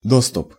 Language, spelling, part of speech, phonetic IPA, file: Russian, доступ, noun, [ˈdostʊp], Ru-доступ.ogg
- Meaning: access, admittance, admission